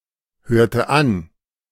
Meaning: inflection of anhören: 1. first/third-person singular preterite 2. first/third-person singular subjunctive II
- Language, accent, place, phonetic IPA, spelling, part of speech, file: German, Germany, Berlin, [ˌhøːɐ̯tə ˈan], hörte an, verb, De-hörte an.ogg